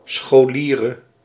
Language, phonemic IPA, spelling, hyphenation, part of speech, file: Dutch, /sxoːˈliː.rə/, scholiere, scho‧lie‧re, noun, Nl-scholiere.ogg
- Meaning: female equivalent of scholier